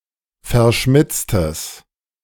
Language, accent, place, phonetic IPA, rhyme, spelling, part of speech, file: German, Germany, Berlin, [fɛɐ̯ˈʃmɪt͡stəs], -ɪt͡stəs, verschmitztes, adjective, De-verschmitztes.ogg
- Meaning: strong/mixed nominative/accusative neuter singular of verschmitzt